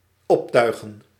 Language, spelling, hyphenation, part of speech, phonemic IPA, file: Dutch, optuigen, op‧tui‧gen, verb, /ˈɔpˌtœy̯.ɣə(n)/, Nl-optuigen.ogg
- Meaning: 1. to rig, to set up 2. to tack (up) 3. to dress, to get dressed 4. to decorate